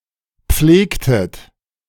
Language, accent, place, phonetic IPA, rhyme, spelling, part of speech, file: German, Germany, Berlin, [ˈp͡fleːktət], -eːktət, pflegtet, verb, De-pflegtet.ogg
- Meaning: inflection of pflegen: 1. second-person plural preterite 2. second-person plural subjunctive II